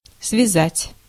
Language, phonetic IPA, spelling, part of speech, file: Russian, [svʲɪˈzatʲ], связать, verb, Ru-связать.ogg
- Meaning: 1. to tie, to bind 2. to tie together 3. to connect, to join 4. to knit, to crochet